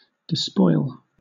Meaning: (verb) 1. To plunder; to pillage; take spoil from 2. To violently strip (someone), with indirect object of their possessions etc.; to rob 3. To strip (someone) of their clothes; to undress
- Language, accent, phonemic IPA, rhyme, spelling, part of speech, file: English, Southern England, /dɪˈspɔɪl/, -ɔɪl, despoil, verb / noun, LL-Q1860 (eng)-despoil.wav